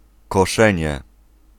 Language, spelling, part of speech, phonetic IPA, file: Polish, koszenie, noun, [kɔˈʃɛ̃ɲɛ], Pl-koszenie.ogg